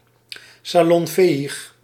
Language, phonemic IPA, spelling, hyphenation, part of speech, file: Dutch, /saːˌlɔnˈfeː.ix/, salonfähig, sa‧lon‧fä‧hig, adjective, Nl-salonfähig.ogg
- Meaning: salonfähig